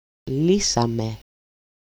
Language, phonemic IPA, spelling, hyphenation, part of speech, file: Greek, /ˈli.sa.me/, λύσαμε, λύ‧σα‧με, verb, El-λύσαμε.ogg
- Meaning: first-person plural simple past active indicative of λύνω (lýno)